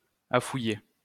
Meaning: to dig, to scour (said of a waterway)
- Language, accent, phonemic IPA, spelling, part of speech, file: French, France, /a.fu.je/, affouiller, verb, LL-Q150 (fra)-affouiller.wav